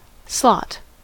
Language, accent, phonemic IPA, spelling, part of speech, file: English, US, /slɑt/, slot, noun / verb, En-us-slot.ogg
- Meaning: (noun) 1. A narrow depression, perforation, or aperture; especially, one for the reception of a piece fitting or sliding into it 2. A period of time or position within a schedule or sequence